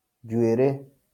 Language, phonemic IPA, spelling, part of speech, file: Kikuyu, /ᶮd͡ʑuèɾéꜜ/, njuĩrĩ, noun, LL-Q33587 (kik)-njuĩrĩ.wav
- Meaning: hair